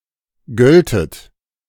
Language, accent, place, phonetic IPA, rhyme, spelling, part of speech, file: German, Germany, Berlin, [ˈɡœltət], -œltət, göltet, verb, De-göltet.ogg
- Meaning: second-person plural subjunctive II of gelten